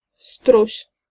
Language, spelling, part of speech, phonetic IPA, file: Polish, struś, noun, [struɕ], Pl-struś.ogg